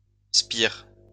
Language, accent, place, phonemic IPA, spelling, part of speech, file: French, France, Lyon, /spiʁ/, spire, noun, LL-Q150 (fra)-spire.wav
- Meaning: 1. turn (of a spiral) 2. turn (of an electromagnetic coil)